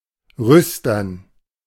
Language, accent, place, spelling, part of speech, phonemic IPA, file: German, Germany, Berlin, rüstern, adjective, /ˈʁʏstɐn/, De-rüstern.ogg
- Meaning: elm